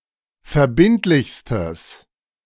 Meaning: strong/mixed nominative/accusative neuter singular superlative degree of verbindlich
- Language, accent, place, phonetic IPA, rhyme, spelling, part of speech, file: German, Germany, Berlin, [fɛɐ̯ˈbɪntlɪçstəs], -ɪntlɪçstəs, verbindlichstes, adjective, De-verbindlichstes.ogg